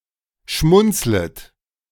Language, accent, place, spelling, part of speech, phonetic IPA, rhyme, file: German, Germany, Berlin, schmunzlet, verb, [ˈʃmʊnt͡slət], -ʊnt͡slət, De-schmunzlet.ogg
- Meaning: second-person plural subjunctive I of schmunzeln